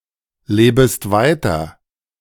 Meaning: second-person singular subjunctive I of weiterleben
- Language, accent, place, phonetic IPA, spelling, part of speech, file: German, Germany, Berlin, [ˌleːbəst ˈvaɪ̯tɐ], lebest weiter, verb, De-lebest weiter.ogg